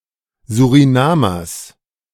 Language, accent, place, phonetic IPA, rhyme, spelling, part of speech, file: German, Germany, Berlin, [zuʁiˈnaːmɐs], -aːmɐs, Surinamers, noun, De-Surinamers.ogg
- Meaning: genitive singular of Surinamer